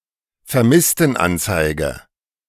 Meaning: missing persons report
- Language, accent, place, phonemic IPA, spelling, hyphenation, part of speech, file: German, Germany, Berlin, /fɛɐ̯ˈmɪstn̩ˌʔant͡saɪ̯ɡə/, Vermisstenanzeige, Ver‧miss‧ten‧an‧zei‧ge, noun, De-Vermisstenanzeige.ogg